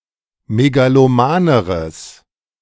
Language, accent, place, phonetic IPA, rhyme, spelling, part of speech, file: German, Germany, Berlin, [meɡaloˈmaːnəʁəs], -aːnəʁəs, megalomaneres, adjective, De-megalomaneres.ogg
- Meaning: strong/mixed nominative/accusative neuter singular comparative degree of megaloman